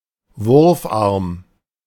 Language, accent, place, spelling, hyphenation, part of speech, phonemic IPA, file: German, Germany, Berlin, Wurfarm, Wurf‧arm, noun, /ˈvʊʁfʔaʁm/, De-Wurfarm.ogg
- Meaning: throwing arm